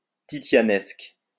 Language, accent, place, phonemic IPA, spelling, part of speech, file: French, France, Lyon, /ti.sja.nɛsk/, titianesque, adjective, LL-Q150 (fra)-titianesque.wav
- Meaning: Titianesque